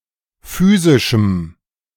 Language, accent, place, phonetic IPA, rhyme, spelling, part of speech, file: German, Germany, Berlin, [ˈfyːzɪʃm̩], -yːzɪʃm̩, physischem, adjective, De-physischem.ogg
- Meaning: strong dative masculine/neuter singular of physisch